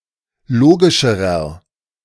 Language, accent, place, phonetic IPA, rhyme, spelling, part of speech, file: German, Germany, Berlin, [ˈloːɡɪʃəʁɐ], -oːɡɪʃəʁɐ, logischerer, adjective, De-logischerer.ogg
- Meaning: inflection of logisch: 1. strong/mixed nominative masculine singular comparative degree 2. strong genitive/dative feminine singular comparative degree 3. strong genitive plural comparative degree